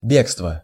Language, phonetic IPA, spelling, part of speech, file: Russian, [ˈbʲekstvə], бегство, noun, Ru-бегство.ogg
- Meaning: flight, escape (act of fleeing)